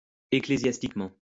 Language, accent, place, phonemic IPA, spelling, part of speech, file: French, France, Lyon, /e.kle.zjas.tik.mɑ̃/, ecclésiastiquement, adverb, LL-Q150 (fra)-ecclésiastiquement.wav
- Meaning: ecclesiastically